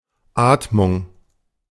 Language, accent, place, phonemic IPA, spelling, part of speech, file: German, Germany, Berlin, /ˈaːtmʊŋ/, Atmung, noun, De-Atmung.ogg
- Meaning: respiration, breathing